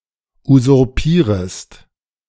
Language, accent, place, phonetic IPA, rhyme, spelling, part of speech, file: German, Germany, Berlin, [uzʊʁˈpiːʁəst], -iːʁəst, usurpierest, verb, De-usurpierest.ogg
- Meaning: second-person singular subjunctive I of usurpieren